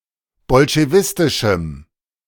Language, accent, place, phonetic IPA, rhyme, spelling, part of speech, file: German, Germany, Berlin, [bɔlʃeˈvɪstɪʃm̩], -ɪstɪʃm̩, bolschewistischem, adjective, De-bolschewistischem.ogg
- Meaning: strong dative masculine/neuter singular of bolschewistisch